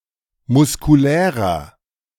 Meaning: inflection of muskulär: 1. strong/mixed nominative masculine singular 2. strong genitive/dative feminine singular 3. strong genitive plural
- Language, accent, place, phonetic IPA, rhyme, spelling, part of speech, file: German, Germany, Berlin, [mʊskuˈlɛːʁɐ], -ɛːʁɐ, muskulärer, adjective, De-muskulärer.ogg